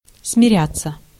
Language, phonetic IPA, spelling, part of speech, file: Russian, [smʲɪˈrʲat͡sːə], смиряться, verb, Ru-смиряться.ogg
- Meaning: 1. to become reconciled 2. to give in 3. passive of смиря́ть (smirjátʹ)